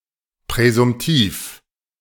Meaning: presumptive
- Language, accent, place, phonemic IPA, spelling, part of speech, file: German, Germany, Berlin, /pʁɛzʊmˈtiːf/, präsumtiv, adjective, De-präsumtiv.ogg